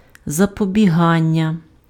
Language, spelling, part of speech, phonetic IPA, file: Ukrainian, запобігання, noun, [zɐpɔbʲiˈɦanʲːɐ], Uk-запобігання.ogg
- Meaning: verbal noun of запобіга́ти (zapobiháty): prevention, preventing